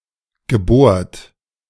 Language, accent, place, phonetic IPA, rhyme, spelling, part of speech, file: German, Germany, Berlin, [ɡəˈboːɐ̯t], -oːɐ̯t, gebohrt, verb, De-gebohrt.ogg
- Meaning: past participle of bohren